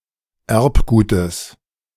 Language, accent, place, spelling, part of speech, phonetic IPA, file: German, Germany, Berlin, Erbgutes, noun, [ˈɛʁpˌɡuːtəs], De-Erbgutes.ogg
- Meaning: genitive singular of Erbgut